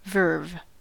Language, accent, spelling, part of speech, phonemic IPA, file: English, General American, verve, noun, /vɝv/, En-us-verve.ogg
- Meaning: 1. Enthusiasm, rapture, spirit, or vigour, especially of imagination such as that which animates an artist, musician, or writer, in composing or performing 2. A particular skill in writing